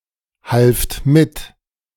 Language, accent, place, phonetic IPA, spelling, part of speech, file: German, Germany, Berlin, [ˌhalft ˈmɪt], halft mit, verb, De-halft mit.ogg
- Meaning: second-person plural preterite of mithelfen